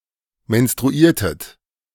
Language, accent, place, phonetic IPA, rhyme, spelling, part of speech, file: German, Germany, Berlin, [mɛnstʁuˈiːɐ̯tət], -iːɐ̯tət, menstruiertet, verb, De-menstruiertet.ogg
- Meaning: inflection of menstruieren: 1. second-person plural preterite 2. second-person plural subjunctive II